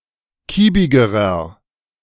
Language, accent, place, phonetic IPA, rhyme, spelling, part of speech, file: German, Germany, Berlin, [ˈkiːbɪɡəʁɐ], -iːbɪɡəʁɐ, kiebigerer, adjective, De-kiebigerer.ogg
- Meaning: inflection of kiebig: 1. strong/mixed nominative masculine singular comparative degree 2. strong genitive/dative feminine singular comparative degree 3. strong genitive plural comparative degree